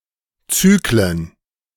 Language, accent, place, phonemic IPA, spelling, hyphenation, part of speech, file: German, Germany, Berlin, /ˈt͡syːklən/, Zyklen, Zy‧klen, noun, De-Zyklen.ogg
- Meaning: plural of Zyklus